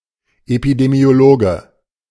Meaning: epidemiologist (male or of unspecified gender)
- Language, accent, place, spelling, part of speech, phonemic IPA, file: German, Germany, Berlin, Epidemiologe, noun, /epidemi̯oˈloːɡə/, De-Epidemiologe.ogg